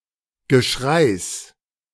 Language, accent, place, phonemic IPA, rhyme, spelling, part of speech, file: German, Germany, Berlin, /ɡəˈʃʁaɪ̯s/, -aɪ̯s, Geschreis, noun, De-Geschreis.ogg
- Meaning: genitive singular of Geschrei